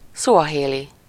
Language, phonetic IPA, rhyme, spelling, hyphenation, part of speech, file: Hungarian, [ˈsuɒɦeːli], -li, szuahéli, szu‧a‧hé‧li, adjective / noun, Hu-szuahéli.ogg
- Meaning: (adjective) Swahili; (noun) Swahili (language)